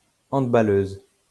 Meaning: female equivalent of handballeur
- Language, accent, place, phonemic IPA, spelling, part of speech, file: French, France, Lyon, /ɑ̃d.ba.løz/, handballeuse, noun, LL-Q150 (fra)-handballeuse.wav